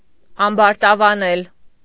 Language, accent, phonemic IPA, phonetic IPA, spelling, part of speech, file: Armenian, Eastern Armenian, /ɑmbɑɾtɑvɑˈnel/, [ɑmbɑɾtɑvɑnél], ամբարտավանել, verb, Hy-ամբարտավանել.ogg
- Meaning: alternative form of ամբարտավանանալ (ambartavananal)